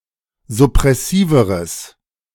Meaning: strong/mixed nominative/accusative neuter singular comparative degree of suppressiv
- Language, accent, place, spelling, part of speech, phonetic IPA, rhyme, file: German, Germany, Berlin, suppressiveres, adjective, [zʊpʁɛˈsiːvəʁəs], -iːvəʁəs, De-suppressiveres.ogg